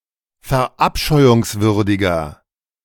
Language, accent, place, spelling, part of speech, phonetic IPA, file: German, Germany, Berlin, verabscheuungswürdiger, adjective, [fɛɐ̯ˈʔapʃɔɪ̯ʊŋsvʏʁdɪɡɐ], De-verabscheuungswürdiger.ogg
- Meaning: 1. comparative degree of verabscheuungswürdig 2. inflection of verabscheuungswürdig: strong/mixed nominative masculine singular